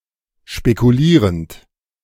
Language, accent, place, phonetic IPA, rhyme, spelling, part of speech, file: German, Germany, Berlin, [ʃpekuˈliːʁənt], -iːʁənt, spekulierend, verb, De-spekulierend.ogg
- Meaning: present participle of spekulieren